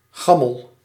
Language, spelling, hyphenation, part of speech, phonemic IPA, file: Dutch, gammel, gam‧mel, adjective, /ˈɣɑ.məl/, Nl-gammel.ogg
- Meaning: shaky, dilapidated, ramshackle